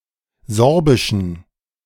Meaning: inflection of sorbisch: 1. strong genitive masculine/neuter singular 2. weak/mixed genitive/dative all-gender singular 3. strong/weak/mixed accusative masculine singular 4. strong dative plural
- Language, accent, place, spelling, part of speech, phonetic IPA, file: German, Germany, Berlin, sorbischen, adjective, [ˈzɔʁbɪʃn̩], De-sorbischen.ogg